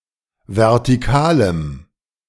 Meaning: strong dative masculine/neuter singular of vertikal
- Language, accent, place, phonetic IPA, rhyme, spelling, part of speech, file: German, Germany, Berlin, [vɛʁtiˈkaːləm], -aːləm, vertikalem, adjective, De-vertikalem.ogg